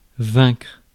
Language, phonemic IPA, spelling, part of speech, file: French, /vɛ̃kʁ/, vaincre, verb, Fr-vaincre.ogg
- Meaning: 1. to defeat, vanquish 2. to win